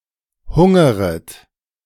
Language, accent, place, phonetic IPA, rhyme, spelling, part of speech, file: German, Germany, Berlin, [ˈhʊŋəʁət], -ʊŋəʁət, hungeret, verb, De-hungeret.ogg
- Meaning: second-person plural subjunctive I of hungern